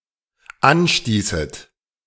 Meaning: second-person plural dependent subjunctive II of anstoßen
- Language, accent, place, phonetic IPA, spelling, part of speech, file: German, Germany, Berlin, [ˈanˌʃtiːsət], anstießet, verb, De-anstießet.ogg